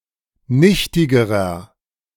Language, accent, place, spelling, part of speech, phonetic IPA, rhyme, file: German, Germany, Berlin, nichtigerer, adjective, [ˈnɪçtɪɡəʁɐ], -ɪçtɪɡəʁɐ, De-nichtigerer.ogg
- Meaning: inflection of nichtig: 1. strong/mixed nominative masculine singular comparative degree 2. strong genitive/dative feminine singular comparative degree 3. strong genitive plural comparative degree